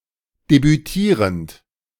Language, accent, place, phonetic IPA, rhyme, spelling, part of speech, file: German, Germany, Berlin, [debyˈtiːʁənt], -iːʁənt, debütierend, verb, De-debütierend.ogg
- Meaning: present participle of debütieren